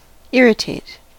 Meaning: 1. To provoke impatience, anger, or displeasure in 2. To cause or induce displeasure or irritation 3. To induce pain in (all or part of a body or organism) 4. To render null and void
- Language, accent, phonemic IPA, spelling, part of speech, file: English, US, /ˈɪɹ.ɪˌteɪt/, irritate, verb, En-us-irritate.ogg